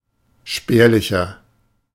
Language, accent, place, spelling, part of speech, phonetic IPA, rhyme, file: German, Germany, Berlin, spärlicher, adjective, [ˈʃpɛːɐ̯lɪçɐ], -ɛːɐ̯lɪçɐ, De-spärlicher.ogg
- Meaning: 1. comparative degree of spärlich 2. inflection of spärlich: strong/mixed nominative masculine singular 3. inflection of spärlich: strong genitive/dative feminine singular